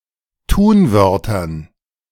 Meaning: dative plural of Tunwort
- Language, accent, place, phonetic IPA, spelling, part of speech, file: German, Germany, Berlin, [ˈtuːnˌvœʁtɐn], Tunwörtern, noun, De-Tunwörtern.ogg